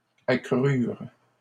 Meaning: third-person plural past historic of accroître
- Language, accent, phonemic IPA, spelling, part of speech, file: French, Canada, /a.kʁyʁ/, accrurent, verb, LL-Q150 (fra)-accrurent.wav